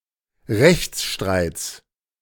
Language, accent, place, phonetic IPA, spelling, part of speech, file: German, Germany, Berlin, [ˈʁɛçt͡sˌʃtʁaɪ̯t͡s], Rechtsstreits, noun, De-Rechtsstreits.ogg
- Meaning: genitive of Rechtsstreit